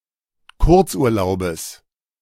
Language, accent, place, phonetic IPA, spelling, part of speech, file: German, Germany, Berlin, [ˈkʊʁt͡sʔuːɐ̯ˌlaʊ̯bəs], Kurzurlaubes, noun, De-Kurzurlaubes.ogg
- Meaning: genitive singular of Kurzurlaub